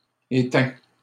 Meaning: masculine plural of éteint
- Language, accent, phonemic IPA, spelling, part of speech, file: French, Canada, /e.tɛ̃/, éteints, adjective, LL-Q150 (fra)-éteints.wav